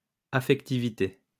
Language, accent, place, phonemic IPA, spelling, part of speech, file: French, France, Lyon, /a.fɛk.ti.vi.te/, affectivité, noun, LL-Q150 (fra)-affectivité.wav
- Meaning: affectivity